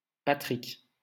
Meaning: a male given name, the English form of Patrice, quite popular in France
- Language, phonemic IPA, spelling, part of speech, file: French, /pa.tʁik/, Patrick, proper noun, LL-Q150 (fra)-Patrick.wav